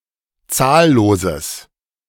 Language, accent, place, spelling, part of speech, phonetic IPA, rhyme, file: German, Germany, Berlin, zahlloses, adjective, [ˈt͡saːlloːzəs], -aːlloːzəs, De-zahlloses.ogg
- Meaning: strong/mixed nominative/accusative neuter singular of zahllos